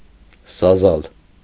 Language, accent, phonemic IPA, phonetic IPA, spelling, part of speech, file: Armenian, Eastern Armenian, /sɑˈzɑl/, [sɑzɑ́l], սազալ, verb, Hy-սազալ.ogg
- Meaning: alternative spelling of սազել (sazel)